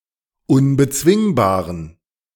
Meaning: inflection of unbezwingbar: 1. strong genitive masculine/neuter singular 2. weak/mixed genitive/dative all-gender singular 3. strong/weak/mixed accusative masculine singular 4. strong dative plural
- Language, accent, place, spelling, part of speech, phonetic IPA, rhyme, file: German, Germany, Berlin, unbezwingbaren, adjective, [ʊnbəˈt͡svɪŋbaːʁən], -ɪŋbaːʁən, De-unbezwingbaren.ogg